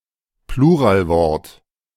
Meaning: plurale tantum
- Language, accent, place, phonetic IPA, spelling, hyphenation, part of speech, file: German, Germany, Berlin, [ˈpluːʁaːlˌvɔʁt], Pluralwort, Plu‧ral‧wort, noun, De-Pluralwort.ogg